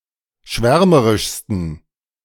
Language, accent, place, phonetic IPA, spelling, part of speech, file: German, Germany, Berlin, [ˈʃvɛʁməʁɪʃstn̩], schwärmerischsten, adjective, De-schwärmerischsten.ogg
- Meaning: 1. superlative degree of schwärmerisch 2. inflection of schwärmerisch: strong genitive masculine/neuter singular superlative degree